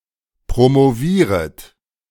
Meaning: second-person plural subjunctive I of promovieren
- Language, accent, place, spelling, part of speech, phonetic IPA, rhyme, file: German, Germany, Berlin, promovieret, verb, [pʁomoˈviːʁət], -iːʁət, De-promovieret.ogg